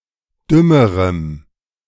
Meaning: strong dative masculine/neuter singular comparative degree of dumm
- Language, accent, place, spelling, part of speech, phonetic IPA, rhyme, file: German, Germany, Berlin, dümmerem, adjective, [ˈdʏməʁəm], -ʏməʁəm, De-dümmerem.ogg